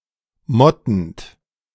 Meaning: present participle of motten
- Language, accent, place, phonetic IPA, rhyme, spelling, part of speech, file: German, Germany, Berlin, [ˈmɔtn̩t], -ɔtn̩t, mottend, verb, De-mottend.ogg